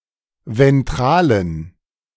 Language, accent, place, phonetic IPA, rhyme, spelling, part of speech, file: German, Germany, Berlin, [vɛnˈtʁaːlən], -aːlən, ventralen, adjective, De-ventralen.ogg
- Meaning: inflection of ventral: 1. strong genitive masculine/neuter singular 2. weak/mixed genitive/dative all-gender singular 3. strong/weak/mixed accusative masculine singular 4. strong dative plural